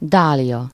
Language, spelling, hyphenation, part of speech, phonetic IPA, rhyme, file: Hungarian, dália, dá‧lia, noun, [ˈdaːlijɒ], -jɒ, Hu-dália.ogg
- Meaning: dahlia (any plant of the genus Dahlia)